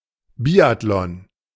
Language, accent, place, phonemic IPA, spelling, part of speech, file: German, Germany, Berlin, /ˈbiːatlɔn/, Biathlon, noun, De-Biathlon.ogg
- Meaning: 1. biathlon (kind of winter sport) 2. a biathlon competition